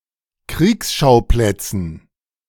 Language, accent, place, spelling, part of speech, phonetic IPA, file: German, Germany, Berlin, Kriegsschauplätzen, noun, [ˈkʁiːksˌʃaʊ̯plɛt͡sn̩], De-Kriegsschauplätzen.ogg
- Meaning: dative plural of Kriegsschauplatz